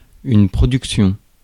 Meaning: production
- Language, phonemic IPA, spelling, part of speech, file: French, /pʁɔ.dyk.sjɔ̃/, production, noun, Fr-production.ogg